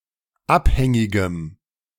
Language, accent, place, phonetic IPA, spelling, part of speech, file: German, Germany, Berlin, [ˈapˌhɛŋɪɡəm], abhängigem, adjective, De-abhängigem.ogg
- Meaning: strong dative masculine/neuter singular of abhängig